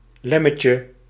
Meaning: diminutive of lemmet
- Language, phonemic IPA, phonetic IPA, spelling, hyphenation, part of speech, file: Dutch, /lɛ.mɛtjə/, [lɛ.mɛ.cə], lemmetje, lem‧met‧je, noun, Nl-lemmetje.ogg